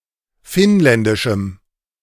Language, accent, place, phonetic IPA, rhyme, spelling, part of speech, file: German, Germany, Berlin, [ˈfɪnˌlɛndɪʃm̩], -ɪnlɛndɪʃm̩, finnländischem, adjective, De-finnländischem.ogg
- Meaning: strong dative masculine/neuter singular of finnländisch